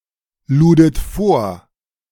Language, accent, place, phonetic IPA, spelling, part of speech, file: German, Germany, Berlin, [ˌluːdət ˈfoːɐ̯], ludet vor, verb, De-ludet vor.ogg
- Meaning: second-person plural preterite of vorladen